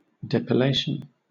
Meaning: 1. The process of stripping hair from the skin so as to make it smooth; unhairing; hair removal 2. The removal of hair, wool or bristles from the body
- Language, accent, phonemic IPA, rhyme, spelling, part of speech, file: English, Southern England, /dɛpɪˈleɪʃən/, -eɪʃən, depilation, noun, LL-Q1860 (eng)-depilation.wav